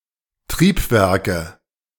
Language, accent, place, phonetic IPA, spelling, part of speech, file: German, Germany, Berlin, [ˈtʁiːpˌvɛʁkə], Triebwerke, noun, De-Triebwerke.ogg
- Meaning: nominative/accusative/genitive plural of Triebwerk